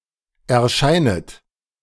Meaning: second-person plural subjunctive I of erscheinen
- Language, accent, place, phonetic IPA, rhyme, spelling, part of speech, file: German, Germany, Berlin, [ɛɐ̯ˈʃaɪ̯nət], -aɪ̯nət, erscheinet, verb, De-erscheinet.ogg